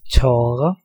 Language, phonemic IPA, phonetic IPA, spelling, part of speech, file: Danish, /ˈtɔːrə/, [ˈtˢɔːɐ], tåre, noun, Da-tåre.ogg
- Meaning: tear (drop of clear salty liquid from the eye)